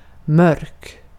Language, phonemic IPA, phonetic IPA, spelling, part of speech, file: Swedish, /mœrk/, [ˈmœ̞rːk], mörk, adjective, Sv-mörk.ogg
- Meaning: 1. dark (having an absolute or relative lack of light) 2. dark (of colors) 3. deep and dull (of a voice or the like) 4. dark (causing dejection)